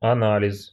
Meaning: analysis
- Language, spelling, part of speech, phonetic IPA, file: Russian, анализ, noun, [ɐˈnalʲɪs], Ru-анализ.ogg